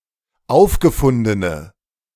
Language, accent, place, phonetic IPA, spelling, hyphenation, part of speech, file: German, Germany, Berlin, [ˈʔaʊ̯fɡəfʊndənə], aufgefundene, auf‧ge‧fun‧de‧ne, adjective, De-aufgefundene.ogg
- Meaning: inflection of aufgefunden: 1. strong/mixed nominative/accusative feminine singular 2. strong nominative/accusative plural 3. weak nominative all-gender singular